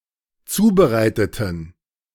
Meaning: inflection of zubereiten: 1. first/third-person plural dependent preterite 2. first/third-person plural dependent subjunctive II
- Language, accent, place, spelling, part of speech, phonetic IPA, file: German, Germany, Berlin, zubereiteten, adjective / verb, [ˈt͡suːbəˌʁaɪ̯tətn̩], De-zubereiteten.ogg